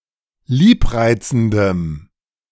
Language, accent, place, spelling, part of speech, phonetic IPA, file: German, Germany, Berlin, liebreizendem, adjective, [ˈliːpˌʁaɪ̯t͡sn̩dəm], De-liebreizendem.ogg
- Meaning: strong dative masculine/neuter singular of liebreizend